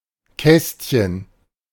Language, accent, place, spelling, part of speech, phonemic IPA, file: German, Germany, Berlin, Kästchen, noun, /ˈkɛstçən/, De-Kästchen.ogg
- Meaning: 1. diminutive of Kasten: a small box (usually made out of wood) 2. square of a table, crossword puzzle, etc 3. box for ticking